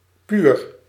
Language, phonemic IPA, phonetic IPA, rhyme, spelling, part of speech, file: Dutch, /pyr/, [pyːr], -yr, puur, adjective, Nl-puur.ogg
- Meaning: 1. pure 2. neat, free from contaminants; unadulterated, undiluted